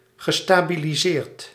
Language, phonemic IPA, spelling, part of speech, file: Dutch, /ɣəˌstabiliˈzert/, gestabiliseerd, verb, Nl-gestabiliseerd.ogg
- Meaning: past participle of stabiliseren